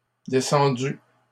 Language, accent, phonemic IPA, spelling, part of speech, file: French, Canada, /de.sɑ̃.dy/, descendue, verb, LL-Q150 (fra)-descendue.wav
- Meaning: feminine singular of descendu